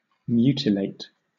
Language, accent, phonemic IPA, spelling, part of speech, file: English, Southern England, /ˈmjuː.tɪˌleɪt/, mutilate, verb / adjective / noun, LL-Q1860 (eng)-mutilate.wav
- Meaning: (verb) 1. To physically harm as to impair use, notably by cutting off or otherwise disabling a vital part, such as a limb 2. To destroy beyond recognition 3. To render imperfect or defective